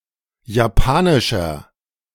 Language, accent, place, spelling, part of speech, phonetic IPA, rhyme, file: German, Germany, Berlin, japanischer, adjective, [jaˈpaːnɪʃɐ], -aːnɪʃɐ, De-japanischer.ogg
- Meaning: inflection of japanisch: 1. strong/mixed nominative masculine singular 2. strong genitive/dative feminine singular 3. strong genitive plural